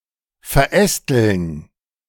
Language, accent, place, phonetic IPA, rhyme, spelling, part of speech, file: German, Germany, Berlin, [fɛɐ̯ˈʔɛstl̩n], -ɛstl̩n, verästeln, verb, De-verästeln.ogg
- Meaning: 1. to branch out 2. to ramify